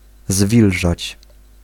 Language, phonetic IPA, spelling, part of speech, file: Polish, [ˈzvʲilʒat͡ɕ], zwilżać, verb, Pl-zwilżać.ogg